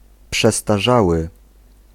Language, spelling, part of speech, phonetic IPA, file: Polish, przestarzały, adjective, [ˌpʃɛstaˈʒawɨ], Pl-przestarzały.ogg